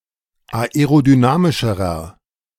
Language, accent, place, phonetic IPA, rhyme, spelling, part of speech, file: German, Germany, Berlin, [aeʁodyˈnaːmɪʃəʁɐ], -aːmɪʃəʁɐ, aerodynamischerer, adjective, De-aerodynamischerer.ogg
- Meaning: inflection of aerodynamisch: 1. strong/mixed nominative masculine singular comparative degree 2. strong genitive/dative feminine singular comparative degree